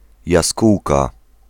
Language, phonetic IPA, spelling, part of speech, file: Polish, [jaˈskuwka], jaskółka, noun, Pl-jaskółka.ogg